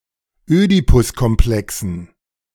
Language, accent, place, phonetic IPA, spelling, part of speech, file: German, Germany, Berlin, [ˈøːdipʊskɔmˌplɛksn̩], Ödipuskomplexen, noun, De-Ödipuskomplexen.ogg
- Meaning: dative plural of Ödipuskomplex